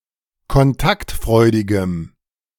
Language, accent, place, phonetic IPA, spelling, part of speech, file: German, Germany, Berlin, [kɔnˈtaktˌfʁɔɪ̯dɪɡəm], kontaktfreudigem, adjective, De-kontaktfreudigem.ogg
- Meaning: strong dative masculine/neuter singular of kontaktfreudig